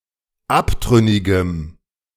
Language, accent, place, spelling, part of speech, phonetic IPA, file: German, Germany, Berlin, abtrünnigem, adjective, [ˈaptʁʏnɪɡəm], De-abtrünnigem.ogg
- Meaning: strong dative masculine/neuter singular of abtrünnig